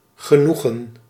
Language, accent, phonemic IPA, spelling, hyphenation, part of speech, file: Dutch, Netherlands, /ɣə.ˈnu.ɣə(n)/, genoegen, ge‧noe‧gen, noun, Nl-genoegen.ogg
- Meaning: 1. satisfaction 2. pleasure, delight